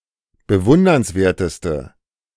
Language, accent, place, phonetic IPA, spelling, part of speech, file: German, Germany, Berlin, [bəˈvʊndɐnsˌveːɐ̯təstə], bewundernswerteste, adjective, De-bewundernswerteste.ogg
- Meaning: inflection of bewundernswert: 1. strong/mixed nominative/accusative feminine singular superlative degree 2. strong nominative/accusative plural superlative degree